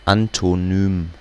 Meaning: antonym (word which has the opposite meaning as another word)
- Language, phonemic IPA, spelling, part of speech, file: German, /antoˈnyːm/, Antonym, noun, De-Antonym.ogg